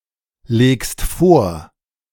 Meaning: second-person singular present of vorlegen
- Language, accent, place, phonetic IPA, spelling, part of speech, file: German, Germany, Berlin, [ˌleːkst ˈfoːɐ̯], legst vor, verb, De-legst vor.ogg